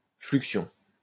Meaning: fluxion
- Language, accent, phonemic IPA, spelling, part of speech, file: French, France, /flyk.sjɔ̃/, fluxion, noun, LL-Q150 (fra)-fluxion.wav